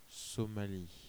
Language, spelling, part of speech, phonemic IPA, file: French, Somalie, proper noun, /sɔ.ma.li/, Fr-Somalie.ogg
- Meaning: Somalia (a country in East Africa, in the Horn of Africa)